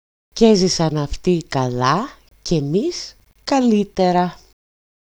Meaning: they lived happily ever after (used at the end of fairy tales)
- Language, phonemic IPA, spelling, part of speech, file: Greek, /ˈcezisan afˈti kaˈla ceˈmis kaˈlitera/, κι έζησαν αυτοί καλά κι εμείς καλύτερα, phrase, EL-κι-έζησαν-αυτοί-καλά-κι-εμείς-καλύτερα.ogg